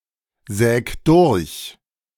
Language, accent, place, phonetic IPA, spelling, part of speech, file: German, Germany, Berlin, [ˌzɛːk ˈdʊʁç], säg durch, verb, De-säg durch.ogg
- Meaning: 1. singular imperative of durchsägen 2. first-person singular present of durchsägen